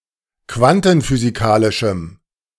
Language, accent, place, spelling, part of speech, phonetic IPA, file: German, Germany, Berlin, quantenphysikalischem, adjective, [ˈkvantn̩fyːziˌkaːlɪʃm̩], De-quantenphysikalischem.ogg
- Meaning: strong dative masculine/neuter singular of quantenphysikalisch